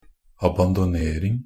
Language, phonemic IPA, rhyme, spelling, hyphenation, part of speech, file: Norwegian Bokmål, /abandɔˈneːrɪŋ/, -ɪŋ, abandonering, ab‧an‧do‧ner‧ing, noun, NB - Pronunciation of Norwegian Bokmål «abandonering».ogg
- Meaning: the act of abandoning